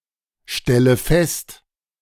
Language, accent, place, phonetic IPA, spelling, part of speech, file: German, Germany, Berlin, [ˌʃtɛlə ˈfɛst], stelle fest, verb, De-stelle fest.ogg
- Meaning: inflection of feststellen: 1. first-person singular present 2. first/third-person singular subjunctive I 3. singular imperative